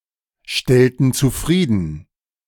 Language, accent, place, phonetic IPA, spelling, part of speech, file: German, Germany, Berlin, [ˌʃtɛltn̩ t͡suˈfʁiːdn̩], stellten zufrieden, verb, De-stellten zufrieden.ogg
- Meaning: inflection of zufriedenstellen: 1. first/third-person plural preterite 2. first/third-person plural subjunctive II